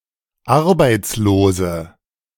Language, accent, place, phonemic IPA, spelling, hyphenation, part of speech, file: German, Germany, Berlin, /ˈaʁbaɪ̯t͡sloːzə/, Arbeitslose, Ar‧beits‧lo‧se, noun, De-Arbeitslose.ogg
- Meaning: 1. female equivalent of Arbeitsloser: unemployed woman 2. inflection of Arbeitsloser: strong nominative/accusative plural 3. inflection of Arbeitsloser: weak nominative singular